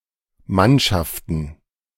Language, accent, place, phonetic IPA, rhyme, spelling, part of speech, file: German, Germany, Berlin, [ˈmanʃaftn̩], -anʃaftn̩, Mannschaften, noun, De-Mannschaften.ogg
- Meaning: plural of Mannschaft